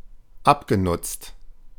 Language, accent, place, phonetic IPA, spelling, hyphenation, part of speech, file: German, Germany, Berlin, [ˈapɡeˌnʊt͡st], abgenutzt, ab‧ge‧nutzt, verb / adjective, De-abgenutzt.ogg
- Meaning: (verb) past participle of abnutzen; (adjective) 1. worn, shabby 2. worn out